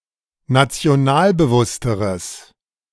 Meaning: strong/mixed nominative/accusative neuter singular comparative degree of nationalbewusst
- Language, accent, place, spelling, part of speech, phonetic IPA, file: German, Germany, Berlin, nationalbewussteres, adjective, [nat͡si̯oˈnaːlbəˌvʊstəʁəs], De-nationalbewussteres.ogg